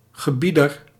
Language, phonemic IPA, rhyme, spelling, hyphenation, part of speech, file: Dutch, /ɣəˈbi.dər/, -idər, gebieder, ge‧bie‧der, noun, Nl-gebieder.ogg
- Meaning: 1. one who gives orders, commander 2. a commanding officer 3. a ruler; master, lord